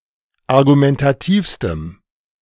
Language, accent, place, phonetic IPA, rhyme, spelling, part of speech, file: German, Germany, Berlin, [aʁɡumɛntaˈtiːfstəm], -iːfstəm, argumentativstem, adjective, De-argumentativstem.ogg
- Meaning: strong dative masculine/neuter singular superlative degree of argumentativ